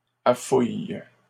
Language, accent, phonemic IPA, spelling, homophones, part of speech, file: French, Canada, /a.fuj/, affouilles, affouille / affouillent, verb, LL-Q150 (fra)-affouilles.wav
- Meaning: second-person singular present indicative/subjunctive of affouiller